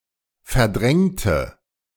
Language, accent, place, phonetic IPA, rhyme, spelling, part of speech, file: German, Germany, Berlin, [fɛɐ̯ˈdʁɛŋtə], -ɛŋtə, verdrängte, adjective / verb, De-verdrängte.ogg
- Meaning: inflection of verdrängt: 1. strong/mixed nominative/accusative feminine singular 2. strong nominative/accusative plural 3. weak nominative all-gender singular